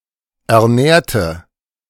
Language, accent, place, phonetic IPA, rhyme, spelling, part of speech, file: German, Germany, Berlin, [ɛɐ̯ˈnɛːɐ̯tə], -ɛːɐ̯tə, ernährte, adjective / verb, De-ernährte.ogg
- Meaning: inflection of ernähren: 1. first/third-person singular preterite 2. first/third-person singular subjunctive II